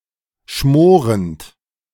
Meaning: present participle of schmoren
- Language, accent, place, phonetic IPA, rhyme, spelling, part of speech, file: German, Germany, Berlin, [ˈʃmoːʁənt], -oːʁənt, schmorend, verb, De-schmorend.ogg